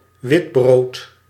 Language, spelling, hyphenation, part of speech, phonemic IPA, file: Dutch, witbrood, wit‧brood, noun, /ˈʋɪt.broːt/, Nl-witbrood.ogg
- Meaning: alternative form of wittebrood